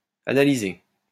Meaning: past participle of analyser
- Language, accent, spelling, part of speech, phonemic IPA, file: French, France, analysé, verb, /a.na.li.ze/, LL-Q150 (fra)-analysé.wav